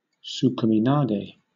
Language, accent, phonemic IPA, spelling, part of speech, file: English, Southern England, /ˌ(t)suːkəmɪˈnɑːɡeɪ/, tsukaminage, noun, LL-Q1860 (eng)-tsukaminage.wav
- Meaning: A kimarite in which the attacker pulls his opponent past him and heaves him into the air